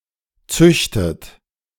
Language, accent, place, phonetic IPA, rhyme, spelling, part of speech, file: German, Germany, Berlin, [ˈt͡sʏçtət], -ʏçtət, züchtet, verb, De-züchtet.ogg
- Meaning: inflection of züchten: 1. third-person singular present 2. second-person plural present 3. second-person plural subjunctive I 4. plural imperative